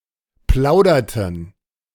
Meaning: inflection of plaudern: 1. first/third-person plural preterite 2. first/third-person plural subjunctive II
- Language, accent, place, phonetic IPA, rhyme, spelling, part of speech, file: German, Germany, Berlin, [ˈplaʊ̯dɐtn̩], -aʊ̯dɐtn̩, plauderten, verb, De-plauderten.ogg